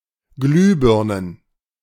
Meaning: plural of Glühbirne
- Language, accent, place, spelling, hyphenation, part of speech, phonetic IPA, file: German, Germany, Berlin, Glühbirnen, Glüh‧bir‧nen, noun, [ˈɡlyːˌbɪʁnən], De-Glühbirnen.ogg